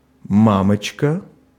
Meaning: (noun) 1. mummy/mommy 2. brothel supervisor; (interjection) Used to express surprise, fear or other emotions; slightly humorous, on a similar level to holy mackerel, yikes, etc
- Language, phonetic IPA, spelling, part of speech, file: Russian, [ˈmamət͡ɕkə], мамочка, noun / interjection, Ru-мамочка.ogg